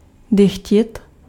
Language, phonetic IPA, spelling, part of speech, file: Czech, [ˈdɪxcɪt], dychtit, verb, Cs-dychtit.ogg
- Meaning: to yearn for something